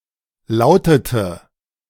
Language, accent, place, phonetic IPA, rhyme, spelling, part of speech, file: German, Germany, Berlin, [ˈlaʊ̯tətə], -aʊ̯tətə, lautete, verb, De-lautete.ogg
- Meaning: inflection of lauten: 1. first/third-person singular preterite 2. first/third-person singular subjunctive II